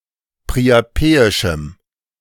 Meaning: strong dative masculine/neuter singular of priapeisch
- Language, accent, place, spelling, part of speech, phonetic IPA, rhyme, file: German, Germany, Berlin, priapeischem, adjective, [pʁiaˈpeːɪʃm̩], -eːɪʃm̩, De-priapeischem.ogg